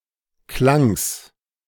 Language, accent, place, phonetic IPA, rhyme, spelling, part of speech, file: German, Germany, Berlin, [klaŋs], -aŋs, Klangs, noun, De-Klangs.ogg
- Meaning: genitive singular of Klang